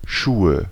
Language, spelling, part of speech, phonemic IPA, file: German, Schuhe, noun, /ˈʃuːə/, De-Schuhe.ogg
- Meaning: nominative/accusative/genitive plural of Schuh "shoes"